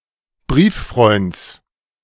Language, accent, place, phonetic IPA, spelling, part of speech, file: German, Germany, Berlin, [ˈbʁiːfˌfʁɔɪ̯nt͡s], Brieffreunds, noun, De-Brieffreunds.ogg
- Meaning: genitive of Brieffreund